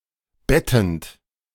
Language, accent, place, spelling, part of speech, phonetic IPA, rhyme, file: German, Germany, Berlin, bettend, verb, [ˈbɛtn̩t], -ɛtn̩t, De-bettend.ogg
- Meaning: present participle of betten